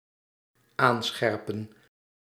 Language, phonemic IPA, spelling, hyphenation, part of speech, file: Dutch, /ˈaːnˌsxɛrpə(n)/, aanscherpen, aan‧scher‧pen, verb, Nl-aanscherpen.ogg
- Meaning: 1. to sharpen 2. to make more effective